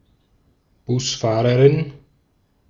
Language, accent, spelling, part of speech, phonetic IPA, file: German, Austria, Busfahrerin, noun, [ˈbʊsˌfaːʁəʁɪn], De-at-Busfahrerin.ogg
- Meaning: bus driver (female)